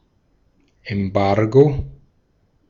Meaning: embargo
- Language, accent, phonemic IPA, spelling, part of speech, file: German, Austria, /ɛmˈbaʁɡo/, Embargo, noun, De-at-Embargo.ogg